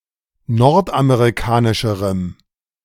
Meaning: strong dative masculine/neuter singular comparative degree of nordamerikanisch
- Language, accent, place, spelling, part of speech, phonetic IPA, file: German, Germany, Berlin, nordamerikanischerem, adjective, [ˈnɔʁtʔameʁiˌkaːnɪʃəʁəm], De-nordamerikanischerem.ogg